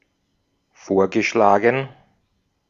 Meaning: past participle of vorschlagen
- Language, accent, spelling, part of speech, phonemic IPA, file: German, Austria, vorgeschlagen, verb, /ˈfoːɐ̯ɡəˌʃlaːɡn̩/, De-at-vorgeschlagen.ogg